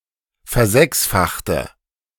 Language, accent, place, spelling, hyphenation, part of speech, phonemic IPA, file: German, Germany, Berlin, versechsfachte, ver‧sechs‧fach‧te, verb, /fɛɐ̯ˈzɛksfaxtə/, De-versechsfachte.ogg
- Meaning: inflection of versechsfachen: 1. first/third-person singular preterite 2. first/third-person singular subjunctive II